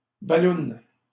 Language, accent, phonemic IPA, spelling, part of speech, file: French, Canada, /ba.lun/, balloune, noun, LL-Q150 (fra)-balloune.wav
- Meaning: 1. inflatable balloon 2. bubble 3. alcohol breath test